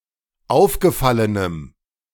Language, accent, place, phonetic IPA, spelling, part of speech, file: German, Germany, Berlin, [ˈaʊ̯fɡəˌfalənəm], aufgefallenem, adjective, De-aufgefallenem.ogg
- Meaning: strong dative masculine/neuter singular of aufgefallen